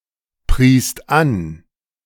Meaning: second-person singular/plural preterite of anpreisen
- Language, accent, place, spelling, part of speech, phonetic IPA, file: German, Germany, Berlin, priest an, verb, [ˌpʁiːst ˈan], De-priest an.ogg